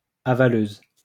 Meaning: 1. female equivalent of avaleur 2. cum swallower, semen demon
- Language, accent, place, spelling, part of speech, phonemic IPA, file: French, France, Lyon, avaleuse, noun, /a.va.løz/, LL-Q150 (fra)-avaleuse.wav